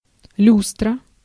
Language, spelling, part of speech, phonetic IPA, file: Russian, люстра, noun, [ˈlʲustrə], Ru-люстра.ogg
- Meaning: chandelier, lustre (UK), luster (US) (a branched, often ornate, lighting fixture suspended from the ceiling)